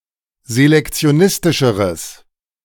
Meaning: strong/mixed nominative/accusative neuter singular comparative degree of selektionistisch
- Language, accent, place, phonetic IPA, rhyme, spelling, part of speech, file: German, Germany, Berlin, [zelɛkt͡si̯oˈnɪstɪʃəʁəs], -ɪstɪʃəʁəs, selektionistischeres, adjective, De-selektionistischeres.ogg